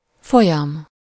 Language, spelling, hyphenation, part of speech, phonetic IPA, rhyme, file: Hungarian, folyam, fo‧lyam, noun, [ˈfojɒm], -ɒm, Hu-folyam.ogg
- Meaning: big river